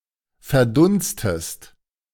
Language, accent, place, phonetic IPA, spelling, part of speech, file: German, Germany, Berlin, [fɛɐ̯ˈdʊnstəst], verdunstest, verb, De-verdunstest.ogg
- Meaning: inflection of verdunsten: 1. second-person singular present 2. second-person singular subjunctive I